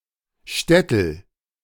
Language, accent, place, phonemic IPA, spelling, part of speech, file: German, Germany, Berlin, /ˈʃtɛtl̩/, Schtetl, noun, De-Schtetl.ogg
- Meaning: shtetl